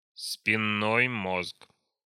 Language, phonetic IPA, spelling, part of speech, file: Russian, [spʲɪˈnːoj ˈmosk], спинной мозг, noun, Ru-спинной мозг.ogg
- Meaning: spinal cord